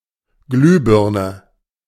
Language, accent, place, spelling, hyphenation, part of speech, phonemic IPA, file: German, Germany, Berlin, Glühbirne, Glüh‧bir‧ne, noun, /ˈɡlyːˌbɪʁnə/, De-Glühbirne.ogg
- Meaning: light bulb (lamp consisting of a glass bulb with a heated filament, or similar lighting article)